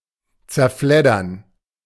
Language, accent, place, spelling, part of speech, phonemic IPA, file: German, Germany, Berlin, zerfleddern, verb, /tserˈflɛdərn/, De-zerfleddern.ogg
- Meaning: to damage something delicate, chiefly a book or piece of paper, by handling it uncarefully; to tatter